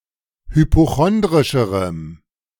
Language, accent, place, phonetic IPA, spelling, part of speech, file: German, Germany, Berlin, [hypoˈxɔndʁɪʃəʁəm], hypochondrischerem, adjective, De-hypochondrischerem.ogg
- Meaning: strong dative masculine/neuter singular comparative degree of hypochondrisch